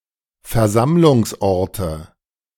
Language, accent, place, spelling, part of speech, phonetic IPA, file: German, Germany, Berlin, Versammlungsorte, noun, [fɛɐ̯ˈzamlʊŋsˌʔɔʁtə], De-Versammlungsorte.ogg
- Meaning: nominative/accusative/genitive plural of Versammlungsort